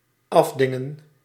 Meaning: to haggle for a lower price
- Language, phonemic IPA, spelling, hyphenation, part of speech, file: Dutch, /ˈɑfdɪŋə(n)/, afdingen, af‧din‧gen, verb, Nl-afdingen.ogg